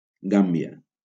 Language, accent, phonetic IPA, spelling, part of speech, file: Catalan, Valencia, [ˈɡam.bi.a], Gàmbia, proper noun, LL-Q7026 (cat)-Gàmbia.wav
- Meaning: Gambia (a country in West Africa)